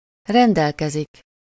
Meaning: 1. to have, to possess something (-val/-vel) 2. to give orders about something, to direct or order something (to be done) (-ról/-ről or felől)
- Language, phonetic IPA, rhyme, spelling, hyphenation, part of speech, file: Hungarian, [ˈrɛndɛlkɛzik], -ɛzik, rendelkezik, ren‧del‧ke‧zik, verb, Hu-rendelkezik.ogg